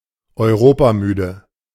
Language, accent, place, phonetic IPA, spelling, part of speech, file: German, Germany, Berlin, [ɔɪ̯ˈʁoːpaˌmyːdə], europamüde, adjective, De-europamüde.ogg
- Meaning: tired of Europe